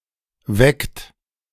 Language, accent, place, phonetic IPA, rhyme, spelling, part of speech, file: German, Germany, Berlin, [vɛkt], -ɛkt, weckt, verb, De-weckt.ogg
- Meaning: inflection of wecken: 1. third-person singular present 2. second-person plural present 3. plural imperative